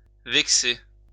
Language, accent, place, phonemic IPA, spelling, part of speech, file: French, France, Lyon, /vɛk.se/, vexer, verb, LL-Q150 (fra)-vexer.wav
- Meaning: 1. to irritate; to annoy 2. to offend, to hurt